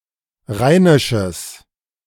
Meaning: strong/mixed nominative/accusative neuter singular of rheinisch
- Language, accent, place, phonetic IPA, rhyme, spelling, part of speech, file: German, Germany, Berlin, [ˈʁaɪ̯nɪʃəs], -aɪ̯nɪʃəs, rheinisches, adjective, De-rheinisches.ogg